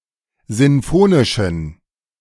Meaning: inflection of sinfonisch: 1. strong genitive masculine/neuter singular 2. weak/mixed genitive/dative all-gender singular 3. strong/weak/mixed accusative masculine singular 4. strong dative plural
- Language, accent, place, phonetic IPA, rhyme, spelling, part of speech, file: German, Germany, Berlin, [ˌzɪnˈfoːnɪʃn̩], -oːnɪʃn̩, sinfonischen, adjective, De-sinfonischen.ogg